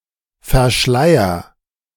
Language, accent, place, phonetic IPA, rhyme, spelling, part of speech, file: German, Germany, Berlin, [fɛɐ̯ˈʃlaɪ̯ɐ], -aɪ̯ɐ, verschleier, verb, De-verschleier.ogg
- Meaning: inflection of verschleiern: 1. first-person singular present 2. singular imperative